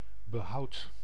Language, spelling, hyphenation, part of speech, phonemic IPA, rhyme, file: Dutch, behoud, be‧houd, noun / verb, /bəˈɦɑu̯t/, -ɑu̯t, Nl-behoud.ogg
- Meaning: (noun) 1. preservation, conserving, conservation 2. salvation 3. conservatism, (less commonly) orthodoxy; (verb) inflection of behouden: first-person singular present indicative